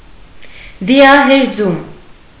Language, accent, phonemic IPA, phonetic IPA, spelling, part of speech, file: Armenian, Eastern Armenian, /diɑheɾˈd͡zum/, [di(j)ɑheɾd͡zúm], դիահերձում, noun, Hy-դիահերձում.ogg
- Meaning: autopsy, post mortem